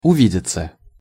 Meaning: 1. to see each other, to meet 2. passive of уви́деть (uvídetʹ)
- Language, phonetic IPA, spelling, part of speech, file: Russian, [ʊˈvʲidʲɪt͡sə], увидеться, verb, Ru-увидеться.ogg